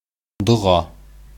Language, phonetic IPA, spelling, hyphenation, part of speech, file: Bashkir, [dʊ̞ˈʁɑ], доға, до‧ға, noun, Ba-доға.ogg
- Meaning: prayer